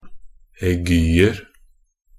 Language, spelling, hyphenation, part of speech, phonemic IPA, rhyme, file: Norwegian Bokmål, aiguer, ai‧gu‧er, noun, /ɛˈɡyːər/, -ər, Nb-aiguer.ogg
- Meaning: indefinite plural of aigu